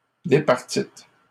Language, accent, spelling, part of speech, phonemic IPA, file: French, Canada, départîtes, verb, /de.paʁ.tit/, LL-Q150 (fra)-départîtes.wav
- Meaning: second-person plural past historic of départir